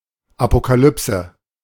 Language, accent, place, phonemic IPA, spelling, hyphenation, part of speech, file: German, Germany, Berlin, /apokaˈlʏpsə/, Apokalypse, Apo‧ka‧lyp‧se, noun, De-Apokalypse.ogg
- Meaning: apocalypse